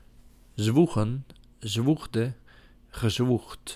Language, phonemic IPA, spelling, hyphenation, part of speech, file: Dutch, /ˈzʋu.ɣə(n)/, zwoegen, zwoe‧gen, verb, Nl-zwoegen.ogg
- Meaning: 1. to heave, to breathe heavily 2. to toil, to drudge